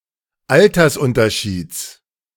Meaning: genitive singular of Altersunterschied
- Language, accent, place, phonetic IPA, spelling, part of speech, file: German, Germany, Berlin, [ˈaltɐsˌʔʊntɐʃiːt͡s], Altersunterschieds, noun, De-Altersunterschieds.ogg